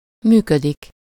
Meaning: 1. to function, operate, work, run, go (to carry out a function; to be in action) 2. to work, to officiate, to pursue a career
- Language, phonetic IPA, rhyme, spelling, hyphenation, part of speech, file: Hungarian, [ˈmyːkødik], -ødik, működik, mű‧kö‧dik, verb, Hu-működik.ogg